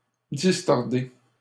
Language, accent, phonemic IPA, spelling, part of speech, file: French, Canada, /dis.tɔʁ.de/, distordez, verb, LL-Q150 (fra)-distordez.wav
- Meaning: inflection of distordre: 1. second-person plural present indicative 2. second-person plural imperative